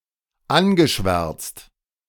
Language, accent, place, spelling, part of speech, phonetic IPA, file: German, Germany, Berlin, angeschwärzt, verb, [ˈanɡəˌʃvɛʁt͡st], De-angeschwärzt.ogg
- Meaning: past participle of anschwärzen